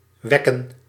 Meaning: to home-can (to conserve home-made products by heating and storing them in airtight bottles)
- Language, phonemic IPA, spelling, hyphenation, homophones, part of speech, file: Dutch, /ˈʋɛ.kə(n)/, wecken, wec‧ken, wekken, verb, Nl-wecken.ogg